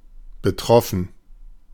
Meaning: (verb) past participle of betreffen; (adjective) 1. shocked 2. affected, concerned
- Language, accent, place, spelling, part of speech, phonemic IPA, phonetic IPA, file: German, Germany, Berlin, betroffen, verb / adjective, /bəˈtʁɔfən/, [bəˈtʁɔfɱ̩], De-betroffen.ogg